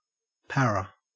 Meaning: Very drunk
- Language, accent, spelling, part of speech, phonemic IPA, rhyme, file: English, Australia, para, adjective, /ˈpæɹə/, -æɹə, En-au-para.ogg